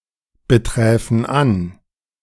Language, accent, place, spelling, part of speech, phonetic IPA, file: German, Germany, Berlin, beträfen an, verb, [bəˌtʁɛːfn̩ ˈan], De-beträfen an.ogg
- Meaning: first-person plural subjunctive II of anbetreffen